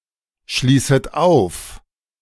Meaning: second-person plural subjunctive I of aufschließen
- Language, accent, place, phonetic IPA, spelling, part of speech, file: German, Germany, Berlin, [ˌʃliːsət ˈaʊ̯f], schließet auf, verb, De-schließet auf.ogg